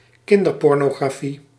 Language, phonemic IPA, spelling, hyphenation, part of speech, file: Dutch, /ˈkɪn.dər.pɔr.noː.ɣraːˌfi/, kinderpornografie, kin‧der‧por‧no‧gra‧fie, noun, Nl-kinderpornografie.ogg
- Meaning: child pornography